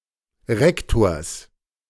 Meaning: genitive singular of Rektor
- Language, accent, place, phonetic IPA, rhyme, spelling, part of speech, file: German, Germany, Berlin, [ˈʁɛktoːɐ̯s], -ɛktoːɐ̯s, Rektors, noun, De-Rektors.ogg